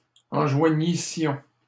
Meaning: first-person plural imperfect subjunctive of enjoindre
- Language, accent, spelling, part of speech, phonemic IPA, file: French, Canada, enjoignissions, verb, /ɑ̃.ʒwa.ɲi.sjɔ̃/, LL-Q150 (fra)-enjoignissions.wav